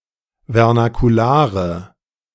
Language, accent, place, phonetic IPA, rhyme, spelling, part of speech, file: German, Germany, Berlin, [vɛʁnakuˈlaːʁə], -aːʁə, vernakulare, adjective, De-vernakulare.ogg
- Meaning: inflection of vernakular: 1. strong/mixed nominative/accusative feminine singular 2. strong nominative/accusative plural 3. weak nominative all-gender singular